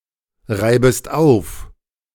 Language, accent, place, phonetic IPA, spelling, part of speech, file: German, Germany, Berlin, [ˌʁaɪ̯bəst ˈaʊ̯f], reibest auf, verb, De-reibest auf.ogg
- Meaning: second-person singular subjunctive I of aufreiben